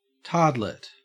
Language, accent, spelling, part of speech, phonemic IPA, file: English, Australia, tardlet, noun, /ˈtɑː(ɹ)dlət/, En-au-tardlet.ogg
- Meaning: 1. A young or inconsequential fool 2. A child with a cognitive disability